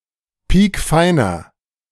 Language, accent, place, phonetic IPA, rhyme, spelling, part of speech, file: German, Germany, Berlin, [ˈpiːkˈfaɪ̯nɐ], -aɪ̯nɐ, piekfeiner, adjective, De-piekfeiner.ogg
- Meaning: inflection of piekfein: 1. strong/mixed nominative masculine singular 2. strong genitive/dative feminine singular 3. strong genitive plural